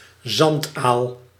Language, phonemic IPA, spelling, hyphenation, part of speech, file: Dutch, /ˈzɑnt.aːl/, zandaal, zand‧aal, noun, Nl-zandaal.ogg
- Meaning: great sand eel (Hyperoplus lanceolatus) (individual or species)